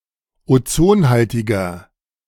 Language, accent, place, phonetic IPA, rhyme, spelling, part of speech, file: German, Germany, Berlin, [oˈt͡soːnˌhaltɪɡɐ], -oːnhaltɪɡɐ, ozonhaltiger, adjective, De-ozonhaltiger.ogg
- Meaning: inflection of ozonhaltig: 1. strong/mixed nominative masculine singular 2. strong genitive/dative feminine singular 3. strong genitive plural